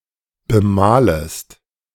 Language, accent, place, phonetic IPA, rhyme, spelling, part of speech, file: German, Germany, Berlin, [bəˈmaːləst], -aːləst, bemalest, verb, De-bemalest.ogg
- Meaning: second-person singular subjunctive I of bemalen